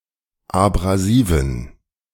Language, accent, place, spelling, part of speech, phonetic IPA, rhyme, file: German, Germany, Berlin, abrasiven, adjective, [abʁaˈziːvn̩], -iːvn̩, De-abrasiven.ogg
- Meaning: inflection of abrasiv: 1. strong genitive masculine/neuter singular 2. weak/mixed genitive/dative all-gender singular 3. strong/weak/mixed accusative masculine singular 4. strong dative plural